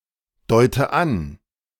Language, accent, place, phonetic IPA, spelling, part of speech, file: German, Germany, Berlin, [ˌdɔɪ̯tə ˈan], deute an, verb, De-deute an.ogg
- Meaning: inflection of andeuten: 1. first-person singular present 2. first/third-person singular subjunctive I 3. singular imperative